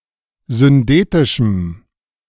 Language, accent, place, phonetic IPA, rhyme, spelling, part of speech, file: German, Germany, Berlin, [zʏnˈdeːtɪʃm̩], -eːtɪʃm̩, syndetischem, adjective, De-syndetischem.ogg
- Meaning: strong dative masculine/neuter singular of syndetisch